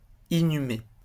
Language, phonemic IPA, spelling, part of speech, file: French, /i.ny.me/, inhumer, verb, LL-Q150 (fra)-inhumer.wav
- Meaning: to bury; to inter